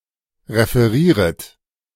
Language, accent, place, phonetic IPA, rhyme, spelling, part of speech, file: German, Germany, Berlin, [ʁefəˈʁiːʁət], -iːʁət, referieret, verb, De-referieret.ogg
- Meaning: second-person plural subjunctive I of referieren